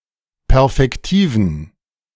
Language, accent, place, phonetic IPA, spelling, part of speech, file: German, Germany, Berlin, [ˈpɛʁfɛktiːvn̩], perfektiven, adjective, De-perfektiven.ogg
- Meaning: inflection of perfektiv: 1. strong genitive masculine/neuter singular 2. weak/mixed genitive/dative all-gender singular 3. strong/weak/mixed accusative masculine singular 4. strong dative plural